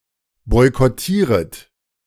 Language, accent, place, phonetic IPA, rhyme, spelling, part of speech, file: German, Germany, Berlin, [ˌbɔɪ̯kɔˈtiːʁət], -iːʁət, boykottieret, verb, De-boykottieret.ogg
- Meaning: second-person plural subjunctive I of boykottieren